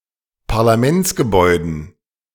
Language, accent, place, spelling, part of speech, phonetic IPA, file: German, Germany, Berlin, Parlamentsgebäuden, noun, [paʁlaˈmɛnt͡sɡəˌbɔɪ̯dn̩], De-Parlamentsgebäuden.ogg
- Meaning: dative plural of Parlamentsgebäude